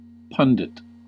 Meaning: An expert in a particular field, especially as called upon to provide comment or opinion in the media; a commentator, a critic
- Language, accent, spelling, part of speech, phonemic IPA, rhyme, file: English, US, pundit, noun, /ˈpʌn.dɪt/, -ʌndɪt, En-us-pundit.ogg